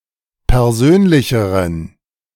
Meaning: inflection of persönlich: 1. strong genitive masculine/neuter singular comparative degree 2. weak/mixed genitive/dative all-gender singular comparative degree
- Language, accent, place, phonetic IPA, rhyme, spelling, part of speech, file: German, Germany, Berlin, [pɛʁˈzøːnlɪçəʁən], -øːnlɪçəʁən, persönlicheren, adjective, De-persönlicheren.ogg